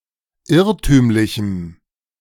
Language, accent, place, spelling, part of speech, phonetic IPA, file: German, Germany, Berlin, irrtümlichem, adjective, [ˈɪʁtyːmlɪçm̩], De-irrtümlichem.ogg
- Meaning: strong dative masculine/neuter singular of irrtümlich